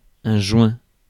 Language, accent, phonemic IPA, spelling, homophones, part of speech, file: French, France, /ʒwɛ̃/, joint, joins / joints, verb / noun, Fr-joint.ogg
- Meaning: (verb) past participle of joindre; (noun) 1. seal 2. joint, spliff (marijuana cigarette)